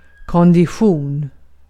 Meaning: 1. ability to run long distances or perform other cardio; endurance, aerobic fitness 2. condition (of a person or thing)
- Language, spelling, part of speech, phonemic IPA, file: Swedish, kondition, noun, /kɔndɪˈɧuːn/, Sv-kondition.ogg